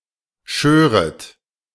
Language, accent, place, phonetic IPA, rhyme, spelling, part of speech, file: German, Germany, Berlin, [ˈʃøːʁət], -øːʁət, schöret, verb, De-schöret.ogg
- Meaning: second-person plural subjunctive II of scheren